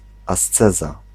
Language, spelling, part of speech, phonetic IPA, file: Polish, asceza, noun, [asˈt͡sɛza], Pl-asceza.ogg